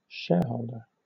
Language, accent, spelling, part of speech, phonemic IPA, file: English, Southern England, shareholder, noun, /ˈʃɛəˌhəʊl.də(ɹ)/, LL-Q1860 (eng)-shareholder.wav
- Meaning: One who owns shares of stock in a corporation